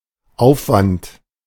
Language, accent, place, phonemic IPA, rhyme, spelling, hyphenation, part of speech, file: German, Germany, Berlin, /ˈʔaʊ̯fvant/, -ant, Aufwand, Auf‧wand, noun, De-Aufwand.ogg
- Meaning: 1. expenditure, effort, expense (amount of work and/or means required for something) 2. verbal noun of aufwenden: expenditure, expending